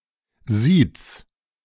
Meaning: 1. singular imperative of siezen 2. first-person singular present of siezen
- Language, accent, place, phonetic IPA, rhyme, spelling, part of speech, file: German, Germany, Berlin, [ziːt͡s], -iːt͡s, siez, verb, De-siez.ogg